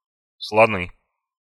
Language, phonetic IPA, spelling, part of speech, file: Russian, [sɫɐˈnɨ], слоны, noun, Ru-слоны.ogg
- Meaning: nominative plural of слон (slon)